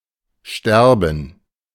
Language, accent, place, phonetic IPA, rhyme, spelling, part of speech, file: German, Germany, Berlin, [ˈʃtɛʁbn̩], -ɛʁbn̩, Sterben, noun, De-Sterben.ogg
- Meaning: gerund of sterben